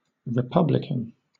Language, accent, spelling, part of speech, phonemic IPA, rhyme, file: English, Southern England, republican, adjective / noun, /ɹɪˈpʌblɪkən/, -ʌblɪkən, LL-Q1860 (eng)-republican.wav
- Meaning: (adjective) 1. Advocating or supporting a republic as a form of government, advocating or supporting republicanism 2. Of or belonging to a republic 3. Alternative letter-case form of Republican